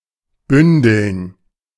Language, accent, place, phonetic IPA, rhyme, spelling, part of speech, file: German, Germany, Berlin, [ˈbʏndl̩n], -ʏndl̩n, bündeln, verb, De-bündeln.ogg
- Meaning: to bundle